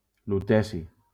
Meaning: lutetium
- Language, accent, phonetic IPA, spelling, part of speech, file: Catalan, Valencia, [luˈtɛ.si], luteci, noun, LL-Q7026 (cat)-luteci.wav